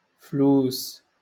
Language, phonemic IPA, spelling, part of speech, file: Moroccan Arabic, /fluːs/, فلوس, noun, LL-Q56426 (ary)-فلوس.wav
- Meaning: 1. money 2. plural of فلس (fals, “dime”)